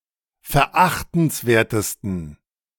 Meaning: 1. superlative degree of verachtenswert 2. inflection of verachtenswert: strong genitive masculine/neuter singular superlative degree
- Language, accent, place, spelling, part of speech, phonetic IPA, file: German, Germany, Berlin, verachtenswertesten, adjective, [fɛɐ̯ˈʔaxtn̩sˌveːɐ̯təstn̩], De-verachtenswertesten.ogg